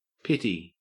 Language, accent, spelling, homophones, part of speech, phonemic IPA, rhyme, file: English, Australia, pitty, pity, noun, /ˈpɪti/, -ɪti, En-au-pitty.ogg
- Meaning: 1. Obsolete spelling of pity 2. A pit bull terrier